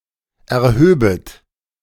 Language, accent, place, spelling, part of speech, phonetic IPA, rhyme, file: German, Germany, Berlin, erhöbet, verb, [ɛɐ̯ˈhøːbət], -øːbət, De-erhöbet.ogg
- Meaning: second-person plural subjunctive II of erheben